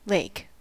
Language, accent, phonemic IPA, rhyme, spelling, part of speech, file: English, US, /leɪk/, -eɪk, lake, noun / verb, En-us-lake.ogg
- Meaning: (noun) 1. A large, landlocked stretch of water or similar liquid 2. A large amount of liquid 3. A small stream of running water; a channel for water; a drain 4. A pit, or ditch